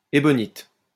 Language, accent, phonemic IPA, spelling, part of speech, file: French, France, /e.bɔ.nit/, ébonite, noun, LL-Q150 (fra)-ébonite.wav
- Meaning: ebonite